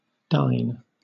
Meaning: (verb) 1. To eat; to eat dinner or supper 2. To give a dinner to; to furnish with the chief meal; to feed 3. To dine upon; to have to eat; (noun) Dinnertime
- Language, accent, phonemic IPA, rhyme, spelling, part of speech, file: English, Southern England, /daɪn/, -aɪn, dine, verb / noun, LL-Q1860 (eng)-dine.wav